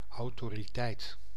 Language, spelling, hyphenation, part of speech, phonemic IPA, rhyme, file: Dutch, autoriteit, au‧to‧ri‧teit, noun, /ˌɑu̯.toː.riˈtɛi̯t/, -ɛi̯t, Nl-autoriteit.ogg
- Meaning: authority